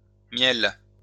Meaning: plural of miel
- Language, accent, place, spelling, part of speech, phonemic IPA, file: French, France, Lyon, miels, noun, /mjɛl/, LL-Q150 (fra)-miels.wav